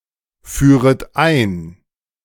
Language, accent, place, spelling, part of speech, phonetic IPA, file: German, Germany, Berlin, führet ein, verb, [ˌfyːʁət ˈaɪ̯n], De-führet ein.ogg
- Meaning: second-person plural subjunctive I of einführen